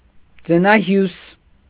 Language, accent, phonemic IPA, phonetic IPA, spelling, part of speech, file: Armenian, Eastern Armenian, /d͡zənɑˈhjus/, [d͡zənɑhjús], ձնահյուս, noun, Hy-ձնահյուս.ogg
- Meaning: avalanche